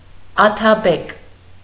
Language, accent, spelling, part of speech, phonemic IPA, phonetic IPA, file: Armenian, Eastern Armenian, աթաբեկ, noun, /ɑtʰɑˈbek/, [ɑtʰɑbék], Hy-աթաբեկ.ogg
- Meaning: atabeg